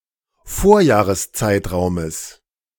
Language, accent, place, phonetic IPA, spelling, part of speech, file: German, Germany, Berlin, [ˈfoːɐ̯jaːʁəsˌt͡saɪ̯tʁaʊ̯məs], Vorjahreszeitraumes, noun, De-Vorjahreszeitraumes.ogg
- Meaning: genitive singular of Vorjahreszeitraum